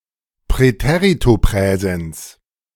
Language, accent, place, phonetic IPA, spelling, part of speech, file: German, Germany, Berlin, [pʁɛˌteʁitoˈpʁɛːzɛns], Präteritopräsens, noun, De-Präteritopräsens.ogg
- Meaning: preterite-present verb, preterite-present